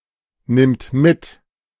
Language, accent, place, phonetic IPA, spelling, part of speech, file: German, Germany, Berlin, [ˌnɪmt ˈmɪt], nimmt mit, verb, De-nimmt mit.ogg
- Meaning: third-person singular present of mitnehmen